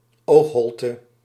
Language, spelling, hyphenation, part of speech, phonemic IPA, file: Dutch, oogholte, oog‧holte, noun, /ˈoːx.ɦɔl.tə/, Nl-oogholte.ogg
- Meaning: eye socket